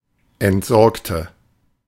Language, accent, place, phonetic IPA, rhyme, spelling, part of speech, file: German, Germany, Berlin, [ɛntˈzɔʁktə], -ɔʁktə, entsorgte, adjective / verb, De-entsorgte.ogg
- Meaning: inflection of entsorgen: 1. first/third-person singular preterite 2. first/third-person singular subjunctive II